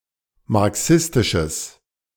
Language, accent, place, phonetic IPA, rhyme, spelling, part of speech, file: German, Germany, Berlin, [maʁˈksɪstɪʃəs], -ɪstɪʃəs, marxistisches, adjective, De-marxistisches.ogg
- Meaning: strong/mixed nominative/accusative neuter singular of marxistisch